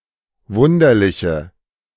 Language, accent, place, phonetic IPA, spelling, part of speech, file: German, Germany, Berlin, [ˈvʊndɐlɪçə], wunderliche, adjective, De-wunderliche.ogg
- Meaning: inflection of wunderlich: 1. strong/mixed nominative/accusative feminine singular 2. strong nominative/accusative plural 3. weak nominative all-gender singular